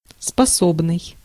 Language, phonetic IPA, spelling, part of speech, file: Russian, [spɐˈsobnɨj], способный, adjective, Ru-способный.ogg
- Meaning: 1. capable (at), able, apt (at), gifted (at/in), talented (at) (having ability (in)) 2. capable (of), able to (do)